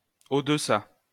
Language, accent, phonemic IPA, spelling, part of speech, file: French, France, /o.d(ə).sa/, au-deçà, adverb, LL-Q150 (fra)-au-deçà.wav
- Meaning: beneath; below